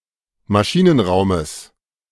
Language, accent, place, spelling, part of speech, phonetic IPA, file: German, Germany, Berlin, Maschinenraumes, noun, [maˈʃiːnənˌʁaʊ̯məs], De-Maschinenraumes.ogg
- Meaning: genitive of Maschinenraum